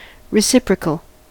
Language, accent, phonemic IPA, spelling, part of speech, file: English, US, /ɹɪˈsɪpɹək(ə)l/, reciprocal, adjective / noun, En-us-reciprocal.ogg
- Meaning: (adjective) 1. Of a feeling, action or such: mutual, uniformly felt or done by each party towards the other or others; two-way 2. Mutually interchangeable